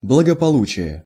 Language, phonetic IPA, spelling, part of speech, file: Russian, [bɫəɡəpɐˈɫut͡ɕɪje], благополучие, noun, Ru-благополучие.ogg
- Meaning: well-being, prosperity, welfare (state of health, happiness and/or prosperity)